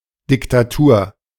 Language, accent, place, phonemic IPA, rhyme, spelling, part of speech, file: German, Germany, Berlin, /dɪktaˈtuːɐ̯/, -uːɐ̯, Diktatur, noun, De-Diktatur.ogg
- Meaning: dictatorship